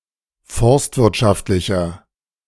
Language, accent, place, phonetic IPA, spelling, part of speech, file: German, Germany, Berlin, [ˈfɔʁstvɪʁtˌʃaftlɪçɐ], forstwirtschaftlicher, adjective, De-forstwirtschaftlicher.ogg
- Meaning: inflection of forstwirtschaftlich: 1. strong/mixed nominative masculine singular 2. strong genitive/dative feminine singular 3. strong genitive plural